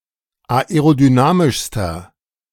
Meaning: inflection of aerodynamisch: 1. strong/mixed nominative masculine singular superlative degree 2. strong genitive/dative feminine singular superlative degree
- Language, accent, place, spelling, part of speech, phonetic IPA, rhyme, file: German, Germany, Berlin, aerodynamischster, adjective, [aeʁodyˈnaːmɪʃstɐ], -aːmɪʃstɐ, De-aerodynamischster.ogg